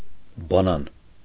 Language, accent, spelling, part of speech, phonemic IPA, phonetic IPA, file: Armenian, Eastern Armenian, բանան, noun, /bɑˈnɑn/, [bɑnɑ́n], Hy-բանան.ogg
- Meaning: banana (fruit)